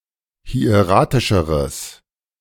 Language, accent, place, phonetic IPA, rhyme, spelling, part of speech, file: German, Germany, Berlin, [hi̯eˈʁaːtɪʃəʁəs], -aːtɪʃəʁəs, hieratischeres, adjective, De-hieratischeres.ogg
- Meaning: strong/mixed nominative/accusative neuter singular comparative degree of hieratisch